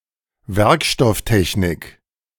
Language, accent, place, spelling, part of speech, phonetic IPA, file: German, Germany, Berlin, Werkstofftechnik, noun, [ˈvɛʁkʃtɔfˌtɛçnɪk], De-Werkstofftechnik.ogg
- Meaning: materials technology